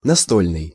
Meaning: tabletop, desktop
- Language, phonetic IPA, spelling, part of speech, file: Russian, [nɐˈstolʲnɨj], настольный, adjective, Ru-настольный.ogg